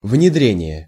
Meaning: 1. inculcation, intrusion 2. introduction (the act or process of introducing)
- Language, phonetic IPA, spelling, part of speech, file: Russian, [vnʲɪˈdrʲenʲɪje], внедрение, noun, Ru-внедрение.ogg